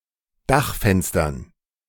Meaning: dative plural of Dachfenster
- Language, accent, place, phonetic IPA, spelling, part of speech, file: German, Germany, Berlin, [ˈdaxfɛnstɐn], Dachfenstern, noun, De-Dachfenstern.ogg